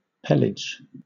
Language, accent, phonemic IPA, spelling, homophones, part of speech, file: English, Southern England, /ˈpɛlɪd͡ʒ/, pelage, pellage, noun, LL-Q1860 (eng)-pelage.wav
- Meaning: 1. Fur, hair, or any other form of the coat of a mammal 2. The characteristic nature of this coat: its coarseness or fineness, its typical lay, and so on